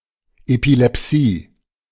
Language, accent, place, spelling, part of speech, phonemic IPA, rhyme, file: German, Germany, Berlin, Epilepsie, noun, /epilɛpˈsiː/, -iː, De-Epilepsie.ogg
- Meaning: epilepsy